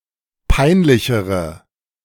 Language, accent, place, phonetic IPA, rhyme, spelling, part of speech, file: German, Germany, Berlin, [ˈpaɪ̯nˌlɪçəʁə], -aɪ̯nlɪçəʁə, peinlichere, adjective, De-peinlichere.ogg
- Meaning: inflection of peinlich: 1. strong/mixed nominative/accusative feminine singular comparative degree 2. strong nominative/accusative plural comparative degree